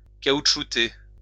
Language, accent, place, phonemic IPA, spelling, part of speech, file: French, France, Lyon, /ka.ut.ʃu.te/, caoutchouter, verb, LL-Q150 (fra)-caoutchouter.wav
- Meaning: 1. to coat with rubber 2. to decorate with rubber